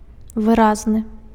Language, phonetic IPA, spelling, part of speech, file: Belarusian, [vɨˈraznɨ], выразны, adjective, Be-выразны.ogg
- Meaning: expressive